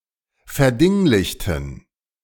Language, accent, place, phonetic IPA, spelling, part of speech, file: German, Germany, Berlin, [fɛɐ̯ˈdɪŋlɪçtn̩], verdinglichten, adjective / verb, De-verdinglichten.ogg
- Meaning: inflection of verdinglichen: 1. first/third-person plural preterite 2. first/third-person plural subjunctive II